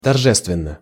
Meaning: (adverb) solemnly; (adjective) short neuter singular of торже́ственный (toržéstvennyj)
- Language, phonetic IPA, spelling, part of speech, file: Russian, [tɐrˈʐɛstvʲɪn(ː)ə], торжественно, adverb / adjective, Ru-торжественно.ogg